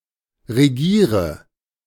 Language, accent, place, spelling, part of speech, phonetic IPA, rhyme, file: German, Germany, Berlin, regiere, verb, [ʁeˈɡiːʁə], -iːʁə, De-regiere.ogg
- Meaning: inflection of regieren: 1. first-person singular present 2. singular imperative 3. first/third-person singular subjunctive I